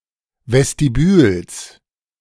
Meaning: genitive singular of Vestibül
- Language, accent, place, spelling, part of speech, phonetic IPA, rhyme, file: German, Germany, Berlin, Vestibüls, noun, [vɛstiˈbyːls], -yːls, De-Vestibüls.ogg